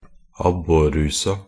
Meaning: definite feminine singular of abborruse
- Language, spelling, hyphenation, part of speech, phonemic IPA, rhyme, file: Norwegian Bokmål, abborrusa, ab‧bor‧ru‧sa, noun, /ˈabːɔrːʉːsa/, -ʉːsa, Nb-abborrusa.ogg